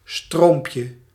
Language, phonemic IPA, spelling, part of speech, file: Dutch, /ˈstrompjə/, stroompje, noun, Nl-stroompje.ogg
- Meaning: diminutive of stroom